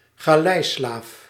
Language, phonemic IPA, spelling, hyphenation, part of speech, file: Dutch, /ɣaːˈlɛi̯ˌslaːf/, galeislaaf, ga‧lei‧slaaf, noun, Nl-galeislaaf.ogg
- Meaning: a galley slave, one forced to row on a galley